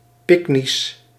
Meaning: short and stocky in figure, mesomorphic
- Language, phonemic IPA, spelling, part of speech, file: Dutch, /ˈpɪknis/, pyknisch, adjective, Nl-pyknisch.ogg